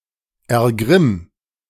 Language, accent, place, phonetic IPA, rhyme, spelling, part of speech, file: German, Germany, Berlin, [ɛɐ̯ˈɡʁɪm], -ɪm, ergrimm, verb, De-ergrimm.ogg
- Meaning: 1. singular imperative of ergrimmen 2. first-person singular present of ergrimmen